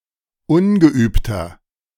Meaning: 1. comparative degree of ungeübt 2. inflection of ungeübt: strong/mixed nominative masculine singular 3. inflection of ungeübt: strong genitive/dative feminine singular
- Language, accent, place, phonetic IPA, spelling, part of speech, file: German, Germany, Berlin, [ˈʊnɡəˌʔyːptɐ], ungeübter, adjective, De-ungeübter.ogg